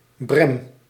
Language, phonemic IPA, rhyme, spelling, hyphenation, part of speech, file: Dutch, /brɛm/, -ɛm, brem, brem, noun, Nl-brem.ogg
- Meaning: 1. broom, several plants of the subfamily Faboideae, particularly those (formerly) belonging to the genus Genista 2. common broom, Scotch broom (Cytisus scoparius)